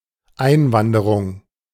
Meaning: immigration
- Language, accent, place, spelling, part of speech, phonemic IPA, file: German, Germany, Berlin, Einwanderung, noun, /ˈaɪ̯nˌvandəʁʊŋ/, De-Einwanderung.ogg